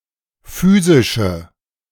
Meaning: inflection of physisch: 1. strong/mixed nominative/accusative feminine singular 2. strong nominative/accusative plural 3. weak nominative all-gender singular
- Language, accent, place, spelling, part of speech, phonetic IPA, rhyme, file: German, Germany, Berlin, physische, adjective, [ˈfyːzɪʃə], -yːzɪʃə, De-physische.ogg